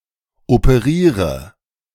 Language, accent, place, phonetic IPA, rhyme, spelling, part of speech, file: German, Germany, Berlin, [opəˈʁiːʁə], -iːʁə, operiere, verb, De-operiere.ogg
- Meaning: inflection of operieren: 1. first-person singular present 2. first/third-person singular subjunctive I 3. singular imperative